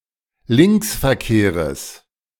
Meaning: genitive singular of Linksverkehr
- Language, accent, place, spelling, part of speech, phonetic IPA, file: German, Germany, Berlin, Linksverkehres, noun, [ˈlɪnksfɛɐ̯ˌkeːʁəs], De-Linksverkehres.ogg